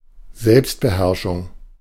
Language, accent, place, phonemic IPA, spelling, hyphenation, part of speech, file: German, Germany, Berlin, /ˈzɛlpstbəˌhɛʁʃʊŋ/, Selbstbeherrschung, Selbst‧be‧herr‧schung, noun, De-Selbstbeherrschung.ogg
- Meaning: self-control, composure